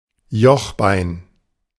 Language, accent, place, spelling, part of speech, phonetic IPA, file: German, Germany, Berlin, Jochbein, noun, [ˈjɔxˌbaɪ̯n], De-Jochbein.ogg
- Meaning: cheekbone